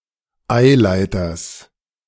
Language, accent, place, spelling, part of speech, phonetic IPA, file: German, Germany, Berlin, Eileiters, noun, [ˈaɪ̯ˌlaɪ̯tɐs], De-Eileiters.ogg
- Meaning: genitive singular of Eileiter